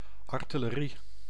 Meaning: artillery: 1. artillery weapons 2. the division of an army specialised in artillery weapons
- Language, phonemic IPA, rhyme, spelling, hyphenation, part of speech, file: Dutch, /ˌɑr.tɪ.ləˈri/, -i, artillerie, ar‧til‧le‧rie, noun, Nl-artillerie.ogg